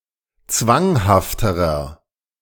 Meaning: inflection of zwanghaft: 1. strong/mixed nominative masculine singular comparative degree 2. strong genitive/dative feminine singular comparative degree 3. strong genitive plural comparative degree
- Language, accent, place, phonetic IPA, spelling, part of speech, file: German, Germany, Berlin, [ˈt͡svaŋhaftəʁɐ], zwanghafterer, adjective, De-zwanghafterer.ogg